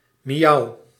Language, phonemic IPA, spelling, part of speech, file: Dutch, /miˈjɑu/, miauw, interjection / verb, Nl-miauw.ogg
- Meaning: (interjection) the sound of a cat; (verb) inflection of miauwen: 1. first-person singular present indicative 2. second-person singular present indicative 3. imperative